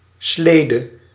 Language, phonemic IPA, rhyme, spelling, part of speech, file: Dutch, /ˈsleːdə/, -eːdə, slede, noun, Nl-slede.ogg
- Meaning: dated form of slee